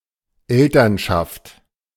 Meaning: 1. parenthood (state of being parents), parenting (process of raising and educating a child) 2. parents (of a school or community as a whole)
- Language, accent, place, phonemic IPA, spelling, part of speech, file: German, Germany, Berlin, /ˈɛltɐnʃaft/, Elternschaft, noun, De-Elternschaft.ogg